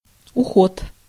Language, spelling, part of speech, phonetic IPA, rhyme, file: Russian, уход, noun, [ʊˈxot], -ot, Ru-уход.ogg
- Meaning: 1. care (treatment of those in need) 2. escape 3. withdrawal, resignation 4. death